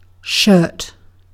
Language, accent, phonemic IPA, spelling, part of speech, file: English, Received Pronunciation, /ʃɜːt/, shirt, noun / verb, En-uk-shirt.ogg
- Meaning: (noun) 1. An article of clothing that is worn on the upper part of the body, often with sleeves that cover some or all of the arms 2. An interior lining in a blast furnace